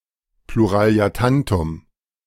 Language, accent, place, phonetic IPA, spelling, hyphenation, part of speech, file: German, Germany, Berlin, [pluˌʁaːli̯aˈtantʊm], Pluraliatantum, Plu‧ra‧li‧a‧tan‧tum, noun, De-Pluraliatantum.ogg
- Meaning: plural of Pluraletantum